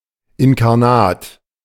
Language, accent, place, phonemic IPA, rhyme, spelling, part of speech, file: German, Germany, Berlin, /ɪnkaʁˈnaːt/, -aːt, inkarnat, adjective, De-inkarnat.ogg
- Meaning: incarnate